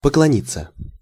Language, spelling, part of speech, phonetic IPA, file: Russian, поклониться, verb, [pəkɫɐˈnʲit͡sːə], Ru-поклониться.ogg
- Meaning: 1. to bow (to, before), to greet (to bend oneself as a gesture of respect or deference) 2. to give/send regards 3. to cringe (before); to humiliate oneself (before); to humbly beg 4. to worship